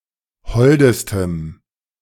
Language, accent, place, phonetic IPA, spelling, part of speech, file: German, Germany, Berlin, [ˈhɔldəstəm], holdestem, adjective, De-holdestem.ogg
- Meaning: strong dative masculine/neuter singular superlative degree of hold